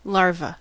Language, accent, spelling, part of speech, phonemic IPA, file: English, US, larva, noun, /ˈlɑɹ.və/, En-us-larva.ogg
- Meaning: An early stage of growth for insects and some amphibians, in which after hatching from their egg, insects are wingless and resemble a caterpillar or grub, and amphibians lack limbs and resemble fish